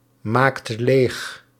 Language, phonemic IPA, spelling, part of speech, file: Dutch, /ˈmakt ˈlex/, maakt leeg, verb, Nl-maakt leeg.ogg
- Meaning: inflection of leegmaken: 1. second/third-person singular present indicative 2. plural imperative